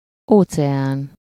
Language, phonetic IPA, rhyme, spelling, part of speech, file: Hungarian, [ˈoːt͡sɛaːn], -aːn, óceán, noun, Hu-óceán.ogg
- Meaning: 1. ocean (one of the large bodies of water separating the continents) 2. ocean (an immense expanse; any vast space, mass or quantity without apparent limits)